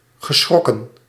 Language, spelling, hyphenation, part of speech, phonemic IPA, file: Dutch, geschrokken, ge‧schrok‧ken, verb, /ɣəˈsxrɔ.kə(n)/, Nl-geschrokken.ogg
- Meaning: past participle of schrikken